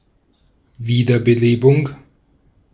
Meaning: 1. reanimation 2. revival
- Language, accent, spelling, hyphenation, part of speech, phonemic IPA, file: German, Austria, Wiederbelebung, Wie‧der‧be‧le‧bung, noun, /ˈviːdɐb̥eˌleːb̥ʊŋ/, De-at-Wiederbelebung.ogg